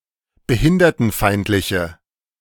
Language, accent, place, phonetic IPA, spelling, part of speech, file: German, Germany, Berlin, [bəˈhɪndɐtn̩ˌfaɪ̯ntlɪçə], behindertenfeindliche, adjective, De-behindertenfeindliche.ogg
- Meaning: inflection of behindertenfeindlich: 1. strong/mixed nominative/accusative feminine singular 2. strong nominative/accusative plural 3. weak nominative all-gender singular